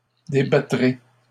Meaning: first-person singular future of débattre
- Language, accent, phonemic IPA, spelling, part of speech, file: French, Canada, /de.ba.tʁe/, débattrai, verb, LL-Q150 (fra)-débattrai.wav